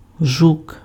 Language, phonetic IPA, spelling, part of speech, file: Ukrainian, [ʒuk], жук, noun, Uk-жук.ogg
- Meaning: 1. beetle 2. rogue, crook